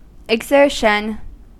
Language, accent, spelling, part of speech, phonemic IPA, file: English, US, exertion, noun, /ɪɡˈzɝʃən/, En-us-exertion.ogg
- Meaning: An expenditure of physical or mental effort